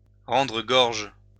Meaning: 1. to regurgitate 2. to vomit 3. to return something, to give back something illicitly taken (compare "cough up")
- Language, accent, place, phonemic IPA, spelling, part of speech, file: French, France, Lyon, /ʁɑ̃.dʁə ɡɔʁʒ/, rendre gorge, verb, LL-Q150 (fra)-rendre gorge.wav